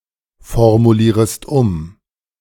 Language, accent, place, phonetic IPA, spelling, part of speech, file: German, Germany, Berlin, [fɔʁmuˌliːʁəst ˈʊm], formulierest um, verb, De-formulierest um.ogg
- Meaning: second-person singular subjunctive I of umformulieren